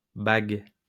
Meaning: plural of bague
- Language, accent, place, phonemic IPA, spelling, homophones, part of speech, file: French, France, Lyon, /baɡ/, bagues, bague, noun, LL-Q150 (fra)-bagues.wav